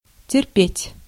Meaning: 1. to endure, to suffer, to tolerate, to stand 2. to undergo (a change, especially a negative one) 3. to hold it, to wait for opportunity to urinate or defecate despite physical urge
- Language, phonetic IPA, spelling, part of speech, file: Russian, [tʲɪrˈpʲetʲ], терпеть, verb, Ru-терпеть.ogg